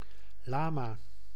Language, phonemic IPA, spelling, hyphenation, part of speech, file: Dutch, /ˈlaː.maː/, lama, la‧ma, noun / interjection, Nl-lama.ogg
- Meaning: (noun) 1. llama, Lama glama 2. Buddhist lama; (interjection) abbreviation of laat maar (“never mind”)